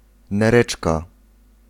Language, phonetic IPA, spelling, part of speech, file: Polish, [nɛˈrɛt͡ʃka], nereczka, noun, Pl-nereczka.ogg